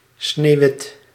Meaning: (adjective) snow-white (colour); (noun) snow (colour)
- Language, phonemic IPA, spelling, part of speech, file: Dutch, /ˈsneːʋɪt/, sneeuwwit, adjective / noun, Nl-sneeuwwit.ogg